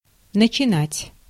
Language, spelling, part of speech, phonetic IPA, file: Russian, начинать, verb, [nət͡ɕɪˈnatʲ], Ru-начинать.ogg
- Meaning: to begin, to start